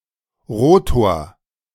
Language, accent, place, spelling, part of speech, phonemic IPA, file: German, Germany, Berlin, Rotor, noun, /ˈʁoːtoːɐ̯/, De-Rotor.ogg
- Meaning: rotor